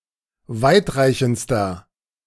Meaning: inflection of weitreichend: 1. strong/mixed nominative masculine singular superlative degree 2. strong genitive/dative feminine singular superlative degree 3. strong genitive plural superlative degree
- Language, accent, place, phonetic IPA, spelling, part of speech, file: German, Germany, Berlin, [ˈvaɪ̯tˌʁaɪ̯çn̩t͡stɐ], weitreichendster, adjective, De-weitreichendster.ogg